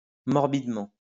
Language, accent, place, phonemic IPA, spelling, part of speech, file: French, France, Lyon, /mɔʁ.bid.mɑ̃/, morbidement, adverb, LL-Q150 (fra)-morbidement.wav
- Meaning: morbidly